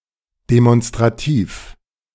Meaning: demonstrative
- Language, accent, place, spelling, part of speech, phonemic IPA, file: German, Germany, Berlin, demonstrativ, adjective, /demɔnstʁaˈtiːf/, De-demonstrativ.ogg